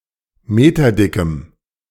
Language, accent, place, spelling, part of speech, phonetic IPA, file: German, Germany, Berlin, meterdickem, adjective, [ˈmeːtɐˌdɪkəm], De-meterdickem.ogg
- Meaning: strong dative masculine/neuter singular of meterdick